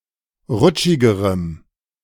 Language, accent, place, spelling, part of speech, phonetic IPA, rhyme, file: German, Germany, Berlin, rutschigerem, adjective, [ˈʁʊt͡ʃɪɡəʁəm], -ʊt͡ʃɪɡəʁəm, De-rutschigerem.ogg
- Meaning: strong dative masculine/neuter singular comparative degree of rutschig